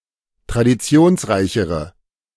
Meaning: inflection of traditionsreich: 1. strong/mixed nominative/accusative feminine singular comparative degree 2. strong nominative/accusative plural comparative degree
- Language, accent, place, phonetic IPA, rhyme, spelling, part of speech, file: German, Germany, Berlin, [tʁadiˈt͡si̯oːnsˌʁaɪ̯çəʁə], -oːnsʁaɪ̯çəʁə, traditionsreichere, adjective, De-traditionsreichere.ogg